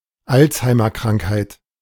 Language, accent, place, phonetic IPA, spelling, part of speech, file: German, Germany, Berlin, [ˈalt͡shaɪ̯mɐˌkʁaŋkhaɪ̯t], Alzheimer-Krankheit, noun, De-Alzheimer-Krankheit.ogg
- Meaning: synonym of Alzheimer (“Alzheimer's disease”)